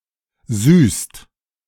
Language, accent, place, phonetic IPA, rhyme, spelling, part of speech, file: German, Germany, Berlin, [zyːst], -yːst, süßt, verb, De-süßt.ogg
- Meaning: inflection of süßen: 1. second/third-person singular present 2. second-person plural present 3. plural imperative